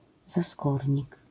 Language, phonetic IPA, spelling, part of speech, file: Polish, [zaˈskurʲɲik], zaskórnik, noun, LL-Q809 (pol)-zaskórnik.wav